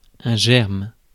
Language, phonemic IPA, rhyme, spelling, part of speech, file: French, /ʒɛʁm/, -ɛʁm, germe, noun / verb, Fr-germe.ogg
- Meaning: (noun) 1. germ (small mass of cells) 2. seed 3. bulb (of onion, garlic etc.) 4. seed (the principle cause); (verb) inflection of germer: first/third-person singular present indicative/subjunctive